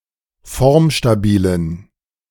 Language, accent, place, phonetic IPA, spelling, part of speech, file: German, Germany, Berlin, [ˈfɔʁmʃtaˌbiːlən], formstabilen, adjective, De-formstabilen.ogg
- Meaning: inflection of formstabil: 1. strong genitive masculine/neuter singular 2. weak/mixed genitive/dative all-gender singular 3. strong/weak/mixed accusative masculine singular 4. strong dative plural